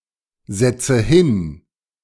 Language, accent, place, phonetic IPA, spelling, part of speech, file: German, Germany, Berlin, [ˌzɛt͡sə ˈhɪn], setze hin, verb, De-setze hin.ogg
- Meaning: inflection of hinsetzen: 1. first-person singular present 2. first/third-person singular subjunctive I 3. singular imperative